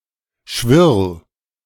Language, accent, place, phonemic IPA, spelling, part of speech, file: German, Germany, Berlin, /ʃvɪʁl/, Schwirl, noun, De-Schwirl.ogg
- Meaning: grass warbler (bird of the genus Locustella)